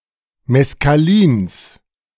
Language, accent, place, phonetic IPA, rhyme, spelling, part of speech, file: German, Germany, Berlin, [mɛskaˈliːns], -iːns, Meskalins, noun, De-Meskalins.ogg
- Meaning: genitive singular of Meskalin